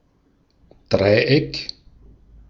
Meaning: 1. triangle (three-pointed shape) 2. triangle (three-pointed shape): synonym of Autobahndreieck
- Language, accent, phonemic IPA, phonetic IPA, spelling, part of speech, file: German, Austria, /ˈdʁaɪ̯ˌ.ɛk/, [ˈdʁaɪ̯ˌʔɛkʰ], Dreieck, noun, De-at-Dreieck.ogg